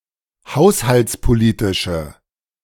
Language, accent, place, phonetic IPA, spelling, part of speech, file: German, Germany, Berlin, [ˈhaʊ̯shalt͡spoˌliːtɪʃə], haushaltspolitische, adjective, De-haushaltspolitische.ogg
- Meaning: inflection of haushaltspolitisch: 1. strong/mixed nominative/accusative feminine singular 2. strong nominative/accusative plural 3. weak nominative all-gender singular